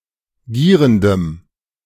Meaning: strong dative masculine/neuter singular of gierend
- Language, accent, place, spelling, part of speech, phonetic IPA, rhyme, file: German, Germany, Berlin, gierendem, adjective, [ˈɡiːʁəndəm], -iːʁəndəm, De-gierendem.ogg